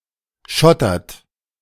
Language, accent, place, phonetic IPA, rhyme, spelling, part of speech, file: German, Germany, Berlin, [ˈʃɔtɐt], -ɔtɐt, schottert, verb, De-schottert.ogg
- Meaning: inflection of schottern: 1. third-person singular present 2. second-person plural present 3. plural imperative